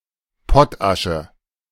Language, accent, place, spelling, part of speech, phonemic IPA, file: German, Germany, Berlin, Pottasche, noun, /ˈpɔtˌaʃə/, De-Pottasche.ogg
- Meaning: potash